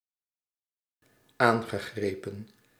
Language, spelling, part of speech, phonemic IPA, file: Dutch, aangegrepen, verb, /ˈaːŋ.ɣə.ˌɣreː.pə(n)/, Nl-aangegrepen.ogg
- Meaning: past participle of aangrijpen